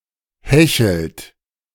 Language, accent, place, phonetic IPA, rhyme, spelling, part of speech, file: German, Germany, Berlin, [ˈhɛçl̩t], -ɛçl̩t, hechelt, verb, De-hechelt.ogg
- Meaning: inflection of hecheln: 1. second-person plural present 2. third-person singular present 3. plural imperative